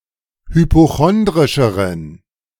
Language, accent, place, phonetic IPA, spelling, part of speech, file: German, Germany, Berlin, [hypoˈxɔndʁɪʃəʁən], hypochondrischeren, adjective, De-hypochondrischeren.ogg
- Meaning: inflection of hypochondrisch: 1. strong genitive masculine/neuter singular comparative degree 2. weak/mixed genitive/dative all-gender singular comparative degree